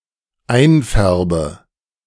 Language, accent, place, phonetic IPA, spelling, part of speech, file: German, Germany, Berlin, [ˈaɪ̯nˌfɛʁbə], einfärbe, verb, De-einfärbe.ogg
- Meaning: inflection of einfärben: 1. first-person singular dependent present 2. first/third-person singular dependent subjunctive I